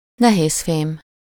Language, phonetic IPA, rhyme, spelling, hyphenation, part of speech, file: Hungarian, [ˈnɛɦeːsfeːm], -eːm, nehézfém, ne‧héz‧fém, noun, Hu-nehézfém.ogg
- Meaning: heavy metal